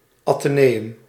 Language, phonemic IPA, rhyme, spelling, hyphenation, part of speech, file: Dutch, /ˌɑ.təˈneː.ʏm/, -eːʏm, atheneum, athe‧ne‧um, noun, Nl-atheneum.ogg
- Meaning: 1. a type of secondary education which is in curriculum identical to a gymnasium except that it does not offer classes in Latin and/or Greek 2. a type of public secondary school